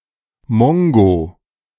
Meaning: an idiot
- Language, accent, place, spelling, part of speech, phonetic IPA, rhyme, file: German, Germany, Berlin, Mongo, noun, [ˈmɔŋɡoː], -ɔŋɡoː, De-Mongo.ogg